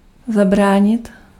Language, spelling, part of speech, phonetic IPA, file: Czech, zabránit, verb, [ˈzabraːɲɪt], Cs-zabránit.ogg
- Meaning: to prevent